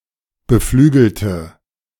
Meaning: inflection of beflügeln: 1. first/third-person singular preterite 2. first/third-person singular subjunctive II
- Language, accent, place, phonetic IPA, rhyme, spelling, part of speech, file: German, Germany, Berlin, [bəˈflyːɡl̩tə], -yːɡl̩tə, beflügelte, adjective / verb, De-beflügelte.ogg